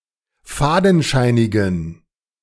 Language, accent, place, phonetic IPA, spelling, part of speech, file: German, Germany, Berlin, [ˈfaːdn̩ˌʃaɪ̯nɪɡn̩], fadenscheinigen, adjective, De-fadenscheinigen.ogg
- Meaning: inflection of fadenscheinig: 1. strong genitive masculine/neuter singular 2. weak/mixed genitive/dative all-gender singular 3. strong/weak/mixed accusative masculine singular 4. strong dative plural